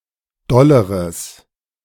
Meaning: strong/mixed nominative/accusative neuter singular comparative degree of doll
- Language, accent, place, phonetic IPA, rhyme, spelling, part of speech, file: German, Germany, Berlin, [ˈdɔləʁəs], -ɔləʁəs, dolleres, adjective, De-dolleres.ogg